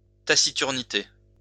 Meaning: taciturnity
- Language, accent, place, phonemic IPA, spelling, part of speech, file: French, France, Lyon, /ta.si.tyʁ.ni.te/, taciturnité, noun, LL-Q150 (fra)-taciturnité.wav